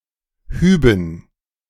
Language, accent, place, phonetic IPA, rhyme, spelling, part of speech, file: German, Germany, Berlin, [ˈhyːbn̩], -yːbn̩, Hüben, noun, De-Hüben.ogg
- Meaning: dative plural of Hub